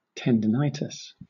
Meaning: Inflammation of a tendon
- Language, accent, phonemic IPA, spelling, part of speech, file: English, Southern England, /ˌtɛn.dəˈnaɪ.tɪs/, tendinitis, noun, LL-Q1860 (eng)-tendinitis.wav